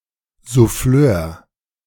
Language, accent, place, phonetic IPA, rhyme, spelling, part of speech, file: German, Germany, Berlin, [zuˈfløːɐ̯], -øːɐ̯, Souffleur, noun, De-Souffleur.ogg
- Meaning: prompter